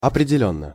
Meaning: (adverb) definitely; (adjective) short neuter singular of определённый (opredeljónnyj)
- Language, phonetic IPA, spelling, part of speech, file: Russian, [ɐprʲɪdʲɪˈlʲɵnːə], определённо, adverb / adjective, Ru-определённо.ogg